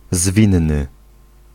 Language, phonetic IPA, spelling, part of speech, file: Polish, [ˈzvʲĩnːɨ], zwinny, adjective, Pl-zwinny.ogg